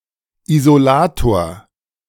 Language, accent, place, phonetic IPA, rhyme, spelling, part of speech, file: German, Germany, Berlin, [izoˈlaːtoːɐ̯], -aːtoːɐ̯, Isolator, noun, De-Isolator.ogg
- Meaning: 1. isolator 2. electrical insulator